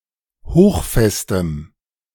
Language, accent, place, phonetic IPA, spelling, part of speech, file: German, Germany, Berlin, [ˈhoːxˌfɛstəm], hochfestem, adjective, De-hochfestem.ogg
- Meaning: strong dative masculine/neuter singular of hochfest